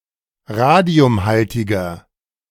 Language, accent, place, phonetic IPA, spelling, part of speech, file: German, Germany, Berlin, [ˈʁaːdi̯ʊmˌhaltɪɡɐ], radiumhaltiger, adjective, De-radiumhaltiger.ogg
- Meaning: inflection of radiumhaltig: 1. strong/mixed nominative masculine singular 2. strong genitive/dative feminine singular 3. strong genitive plural